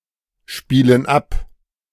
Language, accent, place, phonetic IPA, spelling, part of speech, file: German, Germany, Berlin, [ˌʃpiːlən ˈap], spielen ab, verb, De-spielen ab.ogg
- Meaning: inflection of abspielen: 1. first/third-person plural present 2. first/third-person plural subjunctive I